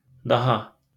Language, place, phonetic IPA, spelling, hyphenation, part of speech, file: Azerbaijani, Baku, [dɑˈhɑ], daha, da‧ha, adverb, LL-Q9292 (aze)-daha.wav
- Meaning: 1. Forms the comparative of the following adjective, adverb or participle 2. more, still, yet, in addition 3. anymore